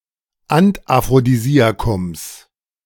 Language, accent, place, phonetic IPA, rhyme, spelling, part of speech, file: German, Germany, Berlin, [antʔafʁodiˈziːakʊms], -iːakʊms, Antaphrodisiakums, noun, De-Antaphrodisiakums.ogg
- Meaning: genitive singular of Antaphrodisiakum